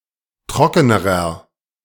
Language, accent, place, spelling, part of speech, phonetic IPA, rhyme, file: German, Germany, Berlin, trockenerer, adjective, [ˈtʁɔkənəʁɐ], -ɔkənəʁɐ, De-trockenerer.ogg
- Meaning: inflection of trocken: 1. strong/mixed nominative masculine singular comparative degree 2. strong genitive/dative feminine singular comparative degree 3. strong genitive plural comparative degree